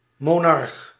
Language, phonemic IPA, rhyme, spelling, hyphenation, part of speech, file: Dutch, /moːˈnɑrx/, -ɑrx, monarch, mo‧narch, noun, Nl-monarch.ogg
- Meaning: monarch